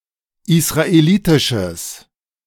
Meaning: strong/mixed nominative/accusative neuter singular of israelitisch
- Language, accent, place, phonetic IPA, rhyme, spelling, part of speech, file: German, Germany, Berlin, [ɪsʁaeˈliːtɪʃəs], -iːtɪʃəs, israelitisches, adjective, De-israelitisches.ogg